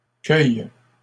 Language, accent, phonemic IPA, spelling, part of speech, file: French, Canada, /kœj/, cueillent, verb, LL-Q150 (fra)-cueillent.wav
- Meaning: third-person plural present indicative/subjunctive of cueillir